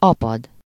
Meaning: 1. to ebb (sea) 2. to lessen, shrink
- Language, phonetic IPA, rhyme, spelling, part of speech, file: Hungarian, [ˈɒpɒd], -ɒd, apad, verb, Hu-apad.ogg